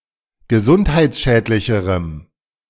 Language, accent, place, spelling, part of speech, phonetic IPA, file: German, Germany, Berlin, gesundheitsschädlicherem, adjective, [ɡəˈzʊnthaɪ̯t͡sˌʃɛːtlɪçəʁəm], De-gesundheitsschädlicherem.ogg
- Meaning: strong dative masculine/neuter singular comparative degree of gesundheitsschädlich